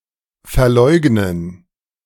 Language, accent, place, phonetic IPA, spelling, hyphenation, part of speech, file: German, Germany, Berlin, [fɛɐ̯ˈlɔɪ̯ɡnən], verleugnen, ver‧leug‧nen, verb, De-verleugnen.ogg
- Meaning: 1. to renege, repudiate 2. to disown (a child, friend etc.) 3. to deny what or where one is: to pretend one isn't there 4. to deny what or where one is: to hide one's true self or convictions